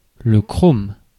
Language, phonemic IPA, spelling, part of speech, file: French, /kʁom/, chrome, noun, Fr-chrome.ogg
- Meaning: chromium